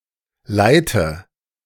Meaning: inflection of leiten: 1. first-person singular present 2. singular imperative 3. first/third-person singular subjunctive I
- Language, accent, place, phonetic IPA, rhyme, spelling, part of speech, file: German, Germany, Berlin, [ˈlaɪ̯tə], -aɪ̯tə, leite, verb, De-leite.ogg